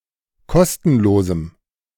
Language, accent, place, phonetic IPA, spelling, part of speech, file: German, Germany, Berlin, [ˈkɔstn̩loːzm̩], kostenlosem, adjective, De-kostenlosem.ogg
- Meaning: strong dative masculine/neuter singular of kostenlos